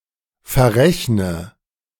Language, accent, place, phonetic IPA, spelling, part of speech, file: German, Germany, Berlin, [fɛɐ̯ˈʁɛçnə], verrechne, verb, De-verrechne.ogg
- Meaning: inflection of verrechnen: 1. first-person singular present 2. first/third-person singular subjunctive I 3. singular imperative